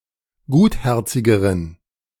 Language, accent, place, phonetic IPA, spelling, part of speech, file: German, Germany, Berlin, [ˈɡuːtˌhɛʁt͡sɪɡəʁən], gutherzigeren, adjective, De-gutherzigeren.ogg
- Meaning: inflection of gutherzig: 1. strong genitive masculine/neuter singular comparative degree 2. weak/mixed genitive/dative all-gender singular comparative degree